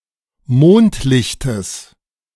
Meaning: genitive singular of Mondlicht
- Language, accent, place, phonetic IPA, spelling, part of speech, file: German, Germany, Berlin, [ˈmoːntˌlɪçtəs], Mondlichtes, noun, De-Mondlichtes.ogg